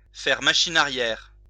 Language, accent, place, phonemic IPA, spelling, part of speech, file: French, France, Lyon, /fɛʁ ma.ʃi.n‿a.ʁjɛʁ/, faire machine arrière, verb, LL-Q150 (fra)-faire machine arrière.wav
- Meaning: 1. to go astern 2. to backpedal, retreat, do a U-turn